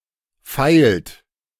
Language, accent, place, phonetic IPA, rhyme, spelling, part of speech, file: German, Germany, Berlin, [faɪ̯lt], -aɪ̯lt, feilt, verb, De-feilt.ogg
- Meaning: inflection of feilen: 1. third-person singular present 2. second-person plural present 3. plural imperative